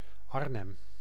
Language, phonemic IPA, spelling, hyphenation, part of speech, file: Dutch, /ˈɑr.nɛm/, Arnhem, Arn‧hem, proper noun, Nl-Arnhem.ogg
- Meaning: 1. Arnhem (a city, municipality, and capital of Gelderland, Netherlands) 2. a habitational surname